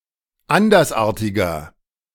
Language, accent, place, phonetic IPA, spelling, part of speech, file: German, Germany, Berlin, [ˈandɐsˌʔaːɐ̯tɪɡɐ], andersartiger, adjective, De-andersartiger.ogg
- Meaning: 1. comparative degree of andersartig 2. inflection of andersartig: strong/mixed nominative masculine singular 3. inflection of andersartig: strong genitive/dative feminine singular